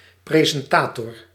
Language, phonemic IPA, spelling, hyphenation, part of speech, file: Dutch, /ˌprezɛnˈtatɔr/, presentator, pre‧sen‧ta‧tor, noun, Nl-presentator.ogg
- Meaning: announcer, host